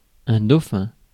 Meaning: 1. dolphin 2. dolphin; the animal used as a charge 3. successor, dauphin 4. runner-up
- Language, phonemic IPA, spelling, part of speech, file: French, /do.fɛ̃/, dauphin, noun, Fr-dauphin.ogg